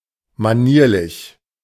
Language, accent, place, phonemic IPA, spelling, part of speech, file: German, Germany, Berlin, /maˈniːɐ̯lɪç/, manierlich, adjective, De-manierlich.ogg
- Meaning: 1. mannerly 2. well-mannered